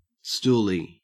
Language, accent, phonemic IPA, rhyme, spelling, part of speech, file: English, Australia, /ˈstuːli/, -uːli, stoolie, noun, En-au-stoolie.ogg
- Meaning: A stool pigeon